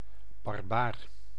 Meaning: barbarian
- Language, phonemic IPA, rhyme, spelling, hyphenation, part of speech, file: Dutch, /bɑrˈbaːr/, -aːr, barbaar, bar‧baar, noun, Nl-barbaar.ogg